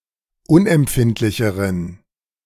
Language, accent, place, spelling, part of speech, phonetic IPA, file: German, Germany, Berlin, unempfindlicheren, adjective, [ˈʊnʔɛmˌpfɪntlɪçəʁən], De-unempfindlicheren.ogg
- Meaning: inflection of unempfindlich: 1. strong genitive masculine/neuter singular comparative degree 2. weak/mixed genitive/dative all-gender singular comparative degree